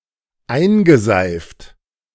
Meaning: past participle of einseifen
- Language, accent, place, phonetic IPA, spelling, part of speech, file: German, Germany, Berlin, [ˈaɪ̯nɡəˌzaɪ̯ft], eingeseift, verb, De-eingeseift.ogg